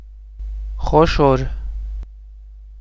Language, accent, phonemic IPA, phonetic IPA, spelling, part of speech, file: Armenian, Eastern Armenian, /χoˈʃoɾ/, [χoʃóɾ], խոշոր, adjective, Hy-խոշոր.ogg
- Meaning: 1. large, big, great, sizeable 2. portly, round, plump 3. rough, tough, coarse, crude 4. crowded, populous, multitudinous 5. spacious, capacious, vast 6. voluminous, copious